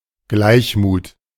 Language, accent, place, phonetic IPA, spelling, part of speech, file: German, Germany, Berlin, [ˈɡlaɪ̯çmuːt], Gleichmut, noun, De-Gleichmut.ogg
- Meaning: equanimity